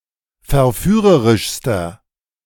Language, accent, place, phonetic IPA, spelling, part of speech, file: German, Germany, Berlin, [fɛɐ̯ˈfyːʁəʁɪʃstɐ], verführerischster, adjective, De-verführerischster.ogg
- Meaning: inflection of verführerisch: 1. strong/mixed nominative masculine singular superlative degree 2. strong genitive/dative feminine singular superlative degree